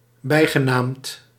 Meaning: nicknamed
- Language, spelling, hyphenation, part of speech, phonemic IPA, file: Dutch, bijgenaamd, bij‧ge‧naamd, adjective, /ˈbɛi̯.ɣəˌnaːmt/, Nl-bijgenaamd.ogg